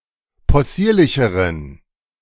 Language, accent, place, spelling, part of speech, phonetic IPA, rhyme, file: German, Germany, Berlin, possierlicheren, adjective, [pɔˈsiːɐ̯lɪçəʁən], -iːɐ̯lɪçəʁən, De-possierlicheren.ogg
- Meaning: inflection of possierlich: 1. strong genitive masculine/neuter singular comparative degree 2. weak/mixed genitive/dative all-gender singular comparative degree